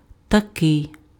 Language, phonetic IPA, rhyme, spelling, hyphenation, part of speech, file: Ukrainian, [tɐˈkɪi̯], -ɪi̯, такий, та‧кий, determiner, Uk-такий.ogg
- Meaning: such, suchlike